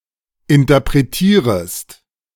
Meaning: second-person singular subjunctive I of interpretieren
- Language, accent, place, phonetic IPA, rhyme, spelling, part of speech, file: German, Germany, Berlin, [ɪntɐpʁeˈtiːʁəst], -iːʁəst, interpretierest, verb, De-interpretierest.ogg